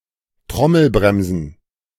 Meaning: plural of Trommelbremse
- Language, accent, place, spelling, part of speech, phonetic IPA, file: German, Germany, Berlin, Trommelbremsen, noun, [ˈtʁɔml̩ˌbʁɛmzn̩], De-Trommelbremsen.ogg